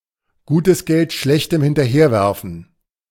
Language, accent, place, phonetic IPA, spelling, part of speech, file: German, Germany, Berlin, [ˈɡuːtəs ˈɡɛlt ˈʃlɛçtm̩ hɪntɐˈheːɐ̯ˌvɛʁfn̩], gutes Geld schlechtem hinterherwerfen, verb, De-gutes Geld schlechtem hinterherwerfen.ogg
- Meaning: to throw good money after bad